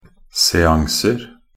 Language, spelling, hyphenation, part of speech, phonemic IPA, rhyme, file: Norwegian Bokmål, seanser, se‧an‧ser, noun, /sɛˈaŋsər/, -ər, Nb-seanser.ogg
- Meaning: indefinite plural of seanse